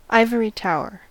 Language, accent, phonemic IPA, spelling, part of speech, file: English, US, /ˈaɪvəɹi ˈtaʊɚ/, ivory tower, noun / adjective, En-us-ivory tower.ogg
- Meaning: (noun) A sheltered, overly-academic existence or perspective, implying a disconnection or lack of awareness of reality or practical considerations